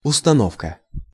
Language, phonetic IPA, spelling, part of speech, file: Russian, [ʊstɐˈnofkə], установка, noun, Ru-установка.ogg
- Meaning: 1. arrangement 2. mounting, installation, mount 3. setting 4. plant, installation, device or apparatus 5. orientation, aim, purpose 6. directions